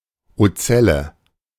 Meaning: ocellus
- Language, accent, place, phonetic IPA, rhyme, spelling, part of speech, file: German, Germany, Berlin, [oˈt͡sɛlə], -ɛlə, Ozelle, noun, De-Ozelle.ogg